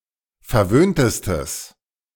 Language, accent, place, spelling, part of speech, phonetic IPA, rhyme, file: German, Germany, Berlin, verwöhntestes, adjective, [fɛɐ̯ˈvøːntəstəs], -øːntəstəs, De-verwöhntestes.ogg
- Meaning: strong/mixed nominative/accusative neuter singular superlative degree of verwöhnt